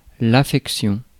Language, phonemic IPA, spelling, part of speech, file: French, /a.fɛk.sjɔ̃/, affection, noun, Fr-affection.ogg
- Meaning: 1. affection, love, fondness 2. medical condition, complaint, disease